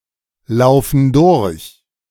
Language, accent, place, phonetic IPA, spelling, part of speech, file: German, Germany, Berlin, [ˌlaʊ̯fn̩ ˈdʊʁç], laufen durch, verb, De-laufen durch.ogg
- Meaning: inflection of durchlaufen: 1. first/third-person plural present 2. first/third-person plural subjunctive I